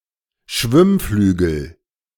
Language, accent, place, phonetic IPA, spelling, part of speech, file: German, Germany, Berlin, [ˈʃvɪmˌflyːɡl̩], Schwimmflügel, noun, De-Schwimmflügel.ogg
- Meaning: armfloat, water wing